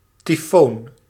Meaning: 1. typhoon 2. train horn
- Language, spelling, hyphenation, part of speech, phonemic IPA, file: Dutch, tyfoon, ty‧foon, noun, /tiˈfoːn/, Nl-tyfoon.ogg